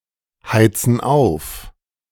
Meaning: inflection of aufheizen: 1. first/third-person plural present 2. first/third-person plural subjunctive I
- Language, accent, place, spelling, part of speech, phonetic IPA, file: German, Germany, Berlin, heizen auf, verb, [ˌhaɪ̯t͡sn̩ ˈaʊ̯f], De-heizen auf.ogg